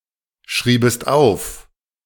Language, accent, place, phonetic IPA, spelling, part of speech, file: German, Germany, Berlin, [ˌʃʁiːbəst ˈaʊ̯f], schriebest auf, verb, De-schriebest auf.ogg
- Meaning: second-person singular subjunctive II of aufschreiben